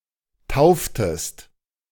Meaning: inflection of taufen: 1. second-person singular preterite 2. second-person singular subjunctive II
- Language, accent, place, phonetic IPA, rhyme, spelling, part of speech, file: German, Germany, Berlin, [ˈtaʊ̯ftəst], -aʊ̯ftəst, tauftest, verb, De-tauftest.ogg